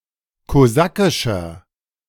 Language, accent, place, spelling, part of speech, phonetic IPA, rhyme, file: German, Germany, Berlin, kosakischer, adjective, [koˈzakɪʃɐ], -akɪʃɐ, De-kosakischer.ogg
- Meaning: 1. comparative degree of kosakisch 2. inflection of kosakisch: strong/mixed nominative masculine singular 3. inflection of kosakisch: strong genitive/dative feminine singular